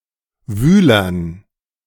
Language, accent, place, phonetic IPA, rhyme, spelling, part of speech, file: German, Germany, Berlin, [ˈvyːlɐn], -yːlɐn, Wühlern, noun, De-Wühlern.ogg
- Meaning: dative plural of Wühler